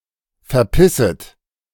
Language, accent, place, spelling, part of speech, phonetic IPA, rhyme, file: German, Germany, Berlin, verpisset, verb, [fɛɐ̯ˈpɪsət], -ɪsət, De-verpisset.ogg
- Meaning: second-person plural subjunctive I of verpissen